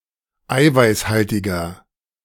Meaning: inflection of eiweißhaltig: 1. strong/mixed nominative masculine singular 2. strong genitive/dative feminine singular 3. strong genitive plural
- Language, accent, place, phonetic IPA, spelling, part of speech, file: German, Germany, Berlin, [ˈaɪ̯vaɪ̯sˌhaltɪɡɐ], eiweißhaltiger, adjective, De-eiweißhaltiger.ogg